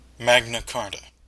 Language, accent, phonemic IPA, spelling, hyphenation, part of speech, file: English, US, /ˌmæɡnə ˈkɑːɹtə/, Magna Carta, Mag‧na Car‧ta, proper noun / noun, En-us-magna carta.ogg
- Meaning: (proper noun) A charter granted by King John to the barons at Runnymede in 1215, which is one of the bases of English constitutional tradition; a physical copy of this charter, or a later version